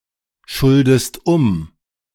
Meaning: inflection of umschulden: 1. second-person singular present 2. second-person singular subjunctive I
- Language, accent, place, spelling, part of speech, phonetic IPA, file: German, Germany, Berlin, schuldest um, verb, [ˌʃʊldəst ˈʊm], De-schuldest um.ogg